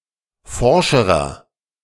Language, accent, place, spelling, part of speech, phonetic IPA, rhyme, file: German, Germany, Berlin, forscherer, adjective, [ˈfɔʁʃəʁɐ], -ɔʁʃəʁɐ, De-forscherer.ogg
- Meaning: inflection of forsch: 1. strong/mixed nominative masculine singular comparative degree 2. strong genitive/dative feminine singular comparative degree 3. strong genitive plural comparative degree